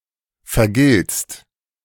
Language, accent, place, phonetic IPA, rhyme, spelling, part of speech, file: German, Germany, Berlin, [fɛɐ̯ˈɡɪlt͡st], -ɪlt͡st, vergiltst, verb, De-vergiltst.ogg
- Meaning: second-person singular present of vergelten